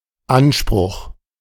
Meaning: 1. verbal noun of ansprechen 2. entitlement, demand, expectation of what should come from someone or something 3. claim, the right against a subject of law that an action is performed or omitted by it
- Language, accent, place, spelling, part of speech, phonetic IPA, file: German, Germany, Berlin, Anspruch, noun, [ˈanˌʃpʀʊχ], De-Anspruch.ogg